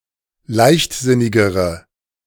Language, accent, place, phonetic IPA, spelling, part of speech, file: German, Germany, Berlin, [ˈlaɪ̯çtˌzɪnɪɡəʁə], leichtsinnigere, adjective, De-leichtsinnigere.ogg
- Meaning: inflection of leichtsinnig: 1. strong/mixed nominative/accusative feminine singular comparative degree 2. strong nominative/accusative plural comparative degree